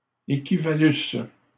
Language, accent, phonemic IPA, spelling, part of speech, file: French, Canada, /e.ki.va.lys/, équivalusse, verb, LL-Q150 (fra)-équivalusse.wav
- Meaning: first-person singular imperfect subjunctive of équivaloir